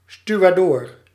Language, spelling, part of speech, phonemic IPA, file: Dutch, stuwadoor, noun, /styʋaːdɔːr/, Nl-stuwadoor.ogg
- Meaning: stevedore